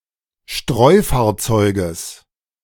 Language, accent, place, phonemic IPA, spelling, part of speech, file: German, Germany, Berlin, /ˈʃtʁɔɪ̯faːɐ̯ˌt͡sɔɪ̯kəs/, Streufahrzeuges, noun, De-Streufahrzeuges.ogg
- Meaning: genitive singular of Streufahrzeug